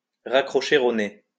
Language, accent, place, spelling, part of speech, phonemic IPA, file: French, France, Lyon, raccrocher au nez, verb, /ʁa.kʁɔ.ʃe o ne/, LL-Q150 (fra)-raccrocher au nez.wav
- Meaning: to hang up abruptly or rudely